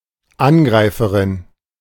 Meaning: a female attacker
- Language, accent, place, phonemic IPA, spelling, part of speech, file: German, Germany, Berlin, /ˈʔanɡʁaɪ̯fəʁɪn/, Angreiferin, noun, De-Angreiferin.ogg